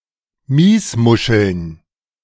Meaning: dative plural of Miesmuschel
- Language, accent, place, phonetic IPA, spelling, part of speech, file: German, Germany, Berlin, [ˈmiːsˌmʊʃl̩n], Miesmuscheln, noun, De-Miesmuscheln.ogg